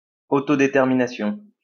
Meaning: determination
- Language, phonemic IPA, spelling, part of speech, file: French, /de.tɛʁ.mi.na.sjɔ̃/, détermination, noun, LL-Q150 (fra)-détermination.wav